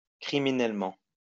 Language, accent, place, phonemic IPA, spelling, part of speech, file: French, France, Lyon, /kʁi.mi.nɛl.mɑ̃/, criminellement, adverb, LL-Q150 (fra)-criminellement.wav
- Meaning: criminally